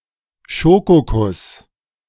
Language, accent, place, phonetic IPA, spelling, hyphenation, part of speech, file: German, Germany, Berlin, [ˈʃoːkoˌkʊs], Schokokuss, Scho‧ko‧kuss, noun, De-Schokokuss.ogg
- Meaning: chocolate teacake (type of dessert)